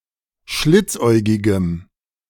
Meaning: strong dative masculine/neuter singular of schlitzäugig
- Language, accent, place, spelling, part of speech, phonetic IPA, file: German, Germany, Berlin, schlitzäugigem, adjective, [ˈʃlɪt͡sˌʔɔɪ̯ɡɪɡəm], De-schlitzäugigem.ogg